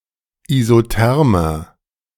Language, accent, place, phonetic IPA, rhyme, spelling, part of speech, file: German, Germany, Berlin, [izoˈtɛʁmɐ], -ɛʁmɐ, isothermer, adjective, De-isothermer.ogg
- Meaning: inflection of isotherm: 1. strong/mixed nominative masculine singular 2. strong genitive/dative feminine singular 3. strong genitive plural